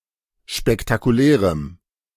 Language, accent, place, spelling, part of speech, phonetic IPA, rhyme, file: German, Germany, Berlin, spektakulärem, adjective, [ʃpɛktakuˈlɛːʁəm], -ɛːʁəm, De-spektakulärem.ogg
- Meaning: strong dative masculine/neuter singular of spektakulär